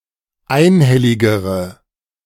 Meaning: inflection of einhellig: 1. strong/mixed nominative/accusative feminine singular comparative degree 2. strong nominative/accusative plural comparative degree
- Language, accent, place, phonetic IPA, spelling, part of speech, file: German, Germany, Berlin, [ˈaɪ̯nˌhɛlɪɡəʁə], einhelligere, adjective, De-einhelligere.ogg